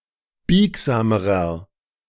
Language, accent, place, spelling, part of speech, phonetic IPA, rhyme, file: German, Germany, Berlin, biegsamerer, adjective, [ˈbiːkzaːməʁɐ], -iːkzaːməʁɐ, De-biegsamerer.ogg
- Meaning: inflection of biegsam: 1. strong/mixed nominative masculine singular comparative degree 2. strong genitive/dative feminine singular comparative degree 3. strong genitive plural comparative degree